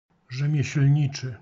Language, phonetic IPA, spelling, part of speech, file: Polish, [ˌʒɛ̃mʲjɛ̇ɕl̥ʲˈɲit͡ʃɨ], rzemieślniczy, adjective, Pl-rzemieślniczy.ogg